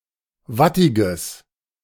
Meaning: strong/mixed nominative/accusative neuter singular of wattig
- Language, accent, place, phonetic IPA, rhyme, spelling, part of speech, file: German, Germany, Berlin, [ˈvatɪɡəs], -atɪɡəs, wattiges, adjective, De-wattiges.ogg